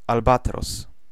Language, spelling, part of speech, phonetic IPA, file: Polish, albatros, noun, [alˈbatrɔs], Pl-albatros.ogg